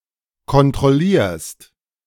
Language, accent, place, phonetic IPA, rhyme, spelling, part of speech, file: German, Germany, Berlin, [kɔntʁɔˈliːɐ̯st], -iːɐ̯st, kontrollierst, verb, De-kontrollierst.ogg
- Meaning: second-person singular present of kontrollieren